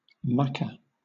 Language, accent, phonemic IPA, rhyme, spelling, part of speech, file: English, Southern England, /ˈmɑkə/, -ɑːkə, maka, noun, LL-Q1860 (eng)-maka.wav
- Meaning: eye